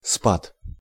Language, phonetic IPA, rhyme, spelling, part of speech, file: Russian, [spat], -at, спад, noun, Ru-спад.ogg
- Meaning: decline, slump, abatement